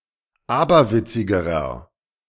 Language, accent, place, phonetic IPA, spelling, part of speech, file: German, Germany, Berlin, [ˈaːbɐˌvɪt͡sɪɡəʁɐ], aberwitzigerer, adjective, De-aberwitzigerer.ogg
- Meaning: inflection of aberwitzig: 1. strong/mixed nominative masculine singular comparative degree 2. strong genitive/dative feminine singular comparative degree 3. strong genitive plural comparative degree